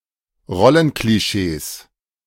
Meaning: 1. genitive singular of Rollenklischee 2. plural of Rollenklischee
- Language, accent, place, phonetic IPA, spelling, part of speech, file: German, Germany, Berlin, [ˈʁɔlənkliˌʃeːs], Rollenklischees, noun, De-Rollenklischees.ogg